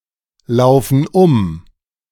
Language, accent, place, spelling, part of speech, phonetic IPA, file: German, Germany, Berlin, laufen um, verb, [ˌlaʊ̯fn̩ ˈʊm], De-laufen um.ogg
- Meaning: inflection of umlaufen: 1. first/third-person plural present 2. first/third-person plural subjunctive I